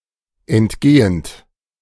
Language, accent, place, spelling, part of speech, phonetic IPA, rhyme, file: German, Germany, Berlin, entgehend, verb, [ɛntˈɡeːənt], -eːənt, De-entgehend.ogg
- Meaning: present participle of entgehen